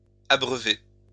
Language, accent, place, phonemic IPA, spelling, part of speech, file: French, France, Lyon, /a.bʁœ.ve/, abreuvés, verb, LL-Q150 (fra)-abreuvés.wav
- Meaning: masculine plural of abreuvé